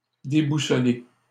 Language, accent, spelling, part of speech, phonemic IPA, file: French, Canada, déboussoler, verb, /de.bu.sɔ.le/, LL-Q150 (fra)-déboussoler.wav
- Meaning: to disorient